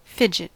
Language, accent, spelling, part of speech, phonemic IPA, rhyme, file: English, US, fidget, verb / noun, /ˈfɪd͡ʒ.ɪt/, -ɪdʒɪt, En-us-fidget.ogg
- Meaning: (verb) 1. To wiggle or twitch; to move the body, especially the fingers, around nervously or idly 2. To cause to fidget; to make uneasy; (noun) A nervous wriggling or twitching motion